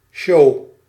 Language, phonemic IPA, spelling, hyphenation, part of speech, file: Dutch, /ʃoː/, show, show, noun, Nl-show.ogg
- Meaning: a show (entertainment)